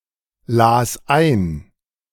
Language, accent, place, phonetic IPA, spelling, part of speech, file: German, Germany, Berlin, [ˌlaːs ˈaɪ̯n], las ein, verb, De-las ein.ogg
- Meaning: first/third-person singular preterite of einlesen